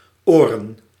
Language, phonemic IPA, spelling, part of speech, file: Dutch, /oːrən/, oren, noun / verb, Nl-oren.ogg
- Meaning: plural of oor